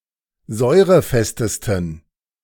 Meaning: 1. superlative degree of säurefest 2. inflection of säurefest: strong genitive masculine/neuter singular superlative degree
- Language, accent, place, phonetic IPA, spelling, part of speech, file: German, Germany, Berlin, [ˈzɔɪ̯ʁəˌfɛstəstn̩], säurefestesten, adjective, De-säurefestesten.ogg